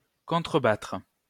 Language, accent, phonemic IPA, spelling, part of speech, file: French, France, /kɔ̃.tʁə.batʁ/, contrebattre, verb, LL-Q150 (fra)-contrebattre.wav
- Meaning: 1. to counter (especially to fire on enemy artillery positions) 2. to get back at, hit back